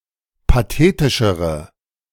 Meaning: inflection of pathetisch: 1. strong/mixed nominative/accusative feminine singular comparative degree 2. strong nominative/accusative plural comparative degree
- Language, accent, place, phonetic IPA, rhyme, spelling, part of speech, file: German, Germany, Berlin, [paˈteːtɪʃəʁə], -eːtɪʃəʁə, pathetischere, adjective, De-pathetischere.ogg